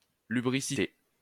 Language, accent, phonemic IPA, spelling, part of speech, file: French, France, /ly.bʁi.si.te/, lubricité, noun, LL-Q150 (fra)-lubricité.wav
- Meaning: lust, lechery, lubricity